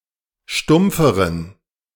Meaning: inflection of stumpf: 1. strong genitive masculine/neuter singular comparative degree 2. weak/mixed genitive/dative all-gender singular comparative degree
- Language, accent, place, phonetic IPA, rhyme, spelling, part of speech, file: German, Germany, Berlin, [ˈʃtʊmp͡fəʁən], -ʊmp͡fəʁən, stumpferen, adjective, De-stumpferen.ogg